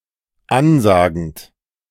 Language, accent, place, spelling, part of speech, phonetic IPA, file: German, Germany, Berlin, ansagend, verb, [ˈanˌzaːɡn̩t], De-ansagend.ogg
- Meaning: present participle of ansagen